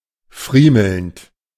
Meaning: present participle of friemeln
- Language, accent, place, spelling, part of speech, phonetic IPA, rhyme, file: German, Germany, Berlin, friemelnd, verb, [ˈfʁiːml̩nt], -iːml̩nt, De-friemelnd.ogg